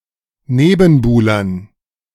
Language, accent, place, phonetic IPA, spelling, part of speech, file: German, Germany, Berlin, [ˈneːbn̩ˌbuːlɐn], Nebenbuhlern, noun, De-Nebenbuhlern.ogg
- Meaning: dative plural of Nebenbuhler